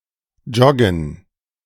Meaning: 1. to jog 2. to get oneself into a certain state by jogging
- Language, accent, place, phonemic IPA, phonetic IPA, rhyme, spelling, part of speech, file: German, Germany, Berlin, /ˈd͡ʒɔɡən/, [ˈd͡ʒɔɡŋ̍], -ɔɡən, joggen, verb, De-joggen.ogg